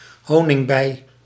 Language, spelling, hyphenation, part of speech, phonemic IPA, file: Dutch, honingbij, ho‧ning‧bij, noun, /ˈɦoː.nɪŋˌbɛi̯/, Nl-honingbij.ogg
- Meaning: honeybee